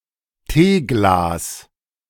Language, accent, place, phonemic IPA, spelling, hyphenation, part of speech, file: German, Germany, Berlin, /ˈteːɡlaːs/, Teeglas, Tee‧glas, noun, De-Teeglas.ogg
- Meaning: tea glass